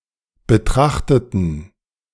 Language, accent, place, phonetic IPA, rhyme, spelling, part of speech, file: German, Germany, Berlin, [bəˈtʁaxtətn̩], -axtətn̩, betrachteten, adjective / verb, De-betrachteten.ogg
- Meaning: inflection of betrachtet: 1. strong genitive masculine/neuter singular 2. weak/mixed genitive/dative all-gender singular 3. strong/weak/mixed accusative masculine singular 4. strong dative plural